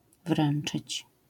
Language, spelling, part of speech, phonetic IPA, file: Polish, wręczyć, verb, [ˈvrɛ̃n͇t͡ʃɨt͡ɕ], LL-Q809 (pol)-wręczyć.wav